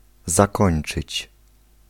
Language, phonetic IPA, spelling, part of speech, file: Polish, [zaˈkɔ̃j̃n͇t͡ʃɨt͡ɕ], zakończyć, verb, Pl-zakończyć.ogg